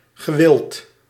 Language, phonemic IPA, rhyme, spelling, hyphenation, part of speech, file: Dutch, /ɣəˈʋɪlt/, -ɪlt, gewild, ge‧wild, verb / adjective, Nl-gewild.ogg
- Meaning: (verb) past participle of willen; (adjective) wanted, desired, popular